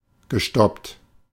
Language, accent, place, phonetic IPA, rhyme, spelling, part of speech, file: German, Germany, Berlin, [ɡəˈʃtɔpt], -ɔpt, gestoppt, verb, De-gestoppt.ogg
- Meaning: past participle of stoppen